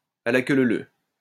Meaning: in single file
- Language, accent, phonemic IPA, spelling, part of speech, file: French, France, /a la kø lø lø/, à la queue leu leu, adverb, LL-Q150 (fra)-à la queue leu leu.wav